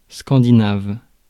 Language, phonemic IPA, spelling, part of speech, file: French, /skɑ̃.di.nav/, scandinave, adjective, Fr-scandinave.ogg
- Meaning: Scandinavian